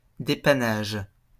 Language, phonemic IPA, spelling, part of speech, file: French, /de.pa.naʒ/, dépannage, noun, LL-Q150 (fra)-dépannage.wav
- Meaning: troubleshooting, fixing, repairing